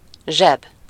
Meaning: pocket
- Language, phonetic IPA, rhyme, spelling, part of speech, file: Hungarian, [ˈʒɛb], -ɛb, zseb, noun, Hu-zseb.ogg